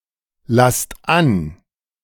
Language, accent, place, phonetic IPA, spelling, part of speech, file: German, Germany, Berlin, [ˌlast ˈan], lasst an, verb, De-lasst an.ogg
- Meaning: inflection of anlassen: 1. second-person plural present 2. plural imperative